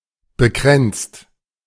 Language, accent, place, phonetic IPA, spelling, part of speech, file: German, Germany, Berlin, [bəˈkʁɛntst], bekränzt, verb, De-bekränzt.ogg
- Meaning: 1. past participle of bekränzen 2. inflection of bekränzen: second/third-person singular present 3. inflection of bekränzen: second-person plural present 4. inflection of bekränzen: plural imperative